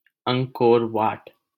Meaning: Angkor Wat
- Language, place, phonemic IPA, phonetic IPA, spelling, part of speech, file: Hindi, Delhi, /əŋɡ.koːɾ ʋɑːʈ/, [ɐ̃ŋɡ̚.koːɾ‿ʋäːʈ], अंगकोर वाट, proper noun, LL-Q1568 (hin)-अंगकोर वाट.wav